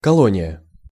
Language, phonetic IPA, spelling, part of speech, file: Russian, [kɐˈɫonʲɪjə], колония, noun, Ru-колония.ogg
- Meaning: 1. colony, settlement 2. corrective colony, penal colony, detention centre